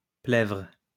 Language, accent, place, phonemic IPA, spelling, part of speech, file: French, France, Lyon, /plɛvʁ/, plèvre, noun, LL-Q150 (fra)-plèvre.wav
- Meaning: pleura